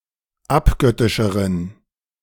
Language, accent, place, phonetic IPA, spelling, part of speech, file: German, Germany, Berlin, [ˈapˌɡœtɪʃəʁən], abgöttischeren, adjective, De-abgöttischeren.ogg
- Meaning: inflection of abgöttisch: 1. strong genitive masculine/neuter singular comparative degree 2. weak/mixed genitive/dative all-gender singular comparative degree